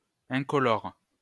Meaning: 1. colourless; uncoloured 2. dull, uninteresting
- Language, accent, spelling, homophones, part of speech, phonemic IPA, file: French, France, incolore, incolores, adjective, /ɛ̃.kɔ.lɔʁ/, LL-Q150 (fra)-incolore.wav